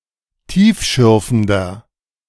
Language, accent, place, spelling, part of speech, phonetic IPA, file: German, Germany, Berlin, tiefschürfender, adjective, [ˈtiːfˌʃʏʁfn̩dɐ], De-tiefschürfender.ogg
- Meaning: 1. comparative degree of tiefschürfend 2. inflection of tiefschürfend: strong/mixed nominative masculine singular 3. inflection of tiefschürfend: strong genitive/dative feminine singular